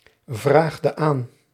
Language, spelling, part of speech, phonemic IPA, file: Dutch, vraagde aan, verb, /vraxdə an/, Nl-vraagde aan.ogg
- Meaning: inflection of aanvragen: 1. singular past indicative 2. singular past subjunctive